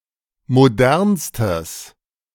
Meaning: strong/mixed nominative/accusative neuter singular superlative degree of modern
- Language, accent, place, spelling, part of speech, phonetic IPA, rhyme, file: German, Germany, Berlin, modernstes, adjective, [moˈdɛʁnstəs], -ɛʁnstəs, De-modernstes.ogg